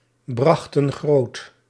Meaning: inflection of grootbrengen: 1. plural past indicative 2. plural past subjunctive
- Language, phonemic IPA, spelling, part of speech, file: Dutch, /ˈbrɑxtə(n) ˈɣrot/, brachten groot, verb, Nl-brachten groot.ogg